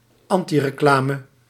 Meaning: anything that diminishes someone's reputation
- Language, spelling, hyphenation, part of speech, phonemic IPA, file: Dutch, antireclame, an‧ti‧re‧cla‧me, noun, /ˈɑn.ti.rəˌklaː.mə/, Nl-antireclame.ogg